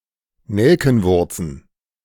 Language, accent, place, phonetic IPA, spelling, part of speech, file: German, Germany, Berlin, [ˈnɛlkn̩ˌvʊʁt͡sn̩], Nelkenwurzen, noun, De-Nelkenwurzen.ogg
- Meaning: plural of Nelkenwurz